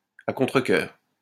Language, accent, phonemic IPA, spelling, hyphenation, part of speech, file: French, France, /a kɔ̃.tʁə.kœʁ/, à contrecœur, à con‧tre‧cœur, adverb, LL-Q150 (fra)-à contrecœur.wav
- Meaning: reluctantly; unwillingly